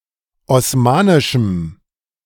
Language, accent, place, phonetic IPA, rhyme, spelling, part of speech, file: German, Germany, Berlin, [ɔsˈmaːnɪʃm̩], -aːnɪʃm̩, osmanischem, adjective, De-osmanischem.ogg
- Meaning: strong dative masculine/neuter singular of osmanisch